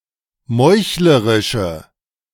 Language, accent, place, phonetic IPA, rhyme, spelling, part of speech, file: German, Germany, Berlin, [ˈmɔɪ̯çləʁɪʃə], -ɔɪ̯çləʁɪʃə, meuchlerische, adjective, De-meuchlerische.ogg
- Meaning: inflection of meuchlerisch: 1. strong/mixed nominative/accusative feminine singular 2. strong nominative/accusative plural 3. weak nominative all-gender singular